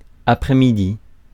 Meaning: afternoon
- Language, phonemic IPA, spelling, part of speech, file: French, /a.pʁɛ.mi.di/, après-midi, noun, Fr-après-midi.ogg